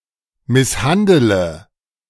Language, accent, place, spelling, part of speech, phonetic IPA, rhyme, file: German, Germany, Berlin, misshandele, verb, [ˌmɪsˈhandələ], -andələ, De-misshandele.ogg
- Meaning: inflection of misshandeln: 1. first-person singular present 2. first/third-person singular subjunctive I 3. singular imperative